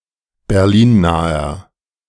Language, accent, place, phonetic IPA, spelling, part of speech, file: German, Germany, Berlin, [bɛʁˈliːnˌnaːɐ], berlinnaher, adjective, De-berlinnaher.ogg
- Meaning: inflection of berlinnah: 1. strong/mixed nominative masculine singular 2. strong genitive/dative feminine singular 3. strong genitive plural